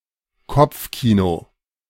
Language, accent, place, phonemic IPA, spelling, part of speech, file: German, Germany, Berlin, /ˈkɔp͡fˌkiːno/, Kopfkino, noun, De-Kopfkino.ogg
- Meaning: imagination; inner cinema (in one's mind's eye)